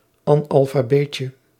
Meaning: diminutive of analfabeet
- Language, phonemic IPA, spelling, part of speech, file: Dutch, /ɑnɑlfaˈbecə/, analfabeetje, noun, Nl-analfabeetje.ogg